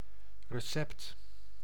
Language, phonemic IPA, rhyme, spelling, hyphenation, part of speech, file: Dutch, /rəˈsɛpt/, -ɛpt, recept, re‧cept, noun, Nl-recept.ogg
- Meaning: 1. recipe 2. prescription